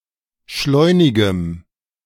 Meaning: strong dative masculine/neuter singular of schleunig
- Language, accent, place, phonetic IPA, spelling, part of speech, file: German, Germany, Berlin, [ˈʃlɔɪ̯nɪɡəm], schleunigem, adjective, De-schleunigem.ogg